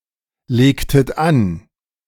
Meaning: inflection of anlegen: 1. second-person plural preterite 2. second-person plural subjunctive II
- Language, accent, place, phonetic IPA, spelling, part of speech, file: German, Germany, Berlin, [ˌleːktət ˈan], legtet an, verb, De-legtet an.ogg